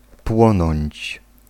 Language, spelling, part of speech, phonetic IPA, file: Polish, płonąć, verb, [ˈpwɔ̃nɔ̃ɲt͡ɕ], Pl-płonąć.ogg